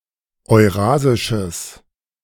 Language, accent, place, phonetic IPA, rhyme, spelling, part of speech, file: German, Germany, Berlin, [ɔɪ̯ˈʁaːzɪʃəs], -aːzɪʃəs, eurasisches, adjective, De-eurasisches.ogg
- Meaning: strong/mixed nominative/accusative neuter singular of eurasisch